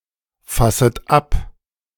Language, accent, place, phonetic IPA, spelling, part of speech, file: German, Germany, Berlin, [ˌfasət ˈap], fasset ab, verb, De-fasset ab.ogg
- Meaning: second-person plural subjunctive I of abfassen